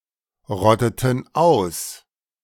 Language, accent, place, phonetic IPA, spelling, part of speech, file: German, Germany, Berlin, [ˌʁɔtətn̩ ˈaʊ̯s], rotteten aus, verb, De-rotteten aus.ogg
- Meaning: inflection of ausrotten: 1. first/third-person plural preterite 2. first/third-person plural subjunctive II